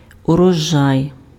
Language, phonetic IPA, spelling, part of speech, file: Ukrainian, [ʊrɔˈʒai̯], урожай, noun, Uk-урожай.ogg
- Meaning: 1. harvest, crop (yield of harvesting) 2. harvest, bounty